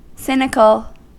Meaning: 1. Of or relating to the belief that human actions are motivated only or primarily by base desires or selfishness 2. Skeptical of the integrity, sincerity, or motives of others
- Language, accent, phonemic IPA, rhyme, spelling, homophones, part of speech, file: English, US, /ˈsɪnɪkəl/, -ɪnɪkəl, cynical, sinical, adjective, En-us-cynical.ogg